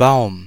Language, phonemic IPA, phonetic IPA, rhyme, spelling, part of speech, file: German, /baʊ̯m/, [baʊ̯m], -aʊ̯m, Baum, noun / proper noun, De-Baum.ogg
- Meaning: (noun) 1. tree 2. boom; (proper noun) 1. a surname 2. a German Jewish surname